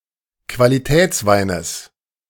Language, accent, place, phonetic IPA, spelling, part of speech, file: German, Germany, Berlin, [kvaliˈtɛːt͡sˌvaɪ̯nəs], Qualitätsweines, noun, De-Qualitätsweines.ogg
- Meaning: genitive singular of Qualitätswein